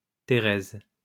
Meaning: a female given name, equivalent to English Teresa
- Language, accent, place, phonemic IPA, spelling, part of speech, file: French, France, Lyon, /te.ʁɛz/, Thérèse, proper noun, LL-Q150 (fra)-Thérèse.wav